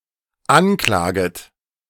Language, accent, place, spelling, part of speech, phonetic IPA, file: German, Germany, Berlin, anklaget, verb, [ˈanˌklaːɡət], De-anklaget.ogg
- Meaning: second-person plural dependent subjunctive I of anklagen